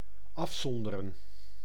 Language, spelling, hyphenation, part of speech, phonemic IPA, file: Dutch, afzonderen, af‧zon‧de‧ren, verb, /ˈɑfˌsɔndərə(n)/, Nl-afzonderen.ogg
- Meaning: to isolate